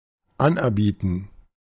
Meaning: tender (formal offer)
- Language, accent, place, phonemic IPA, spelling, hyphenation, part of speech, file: German, Germany, Berlin, /ˈanʔɛɐ̯ˌbiːtn̩/, Anerbieten, An‧er‧bie‧ten, noun, De-Anerbieten.ogg